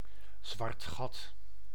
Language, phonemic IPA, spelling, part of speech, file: Dutch, /zʋɑrt ˈxɑt/, zwart gat, noun, Nl-zwart gat.ogg
- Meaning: 1. a black hole, an astronomical phenomenon of extreme gravity 2. a temporary loss of memory 3. a condition of despair and emotional emptiness, often involving self-destructive behaviour